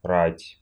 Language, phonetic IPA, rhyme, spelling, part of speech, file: Russian, [ratʲ], -atʲ, рать, noun, Ru-рать.ogg
- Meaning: 1. army, host, array 2. battle, war